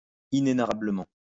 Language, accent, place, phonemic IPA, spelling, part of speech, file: French, France, Lyon, /i.ne.na.ʁa.blə.mɑ̃/, inénarrablement, adverb, LL-Q150 (fra)-inénarrablement.wav
- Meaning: 1. indescribably 2. hilariously